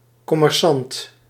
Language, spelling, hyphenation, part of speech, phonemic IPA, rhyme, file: Dutch, commerçant, com‧mer‧çant, noun, /ˌkɔ.mɛrˈsɑnt/, -ɑnt, Nl-commerçant.ogg
- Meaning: businessman, trader